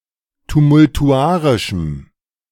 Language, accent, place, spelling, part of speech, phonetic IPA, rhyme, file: German, Germany, Berlin, tumultuarischem, adjective, [tumʊltuˈʔaʁɪʃm̩], -aːʁɪʃm̩, De-tumultuarischem.ogg
- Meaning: strong dative masculine/neuter singular of tumultuarisch